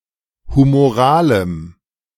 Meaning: strong dative masculine/neuter singular of humoral
- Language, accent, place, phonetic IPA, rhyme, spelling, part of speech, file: German, Germany, Berlin, [humoˈʁaːləm], -aːləm, humoralem, adjective, De-humoralem.ogg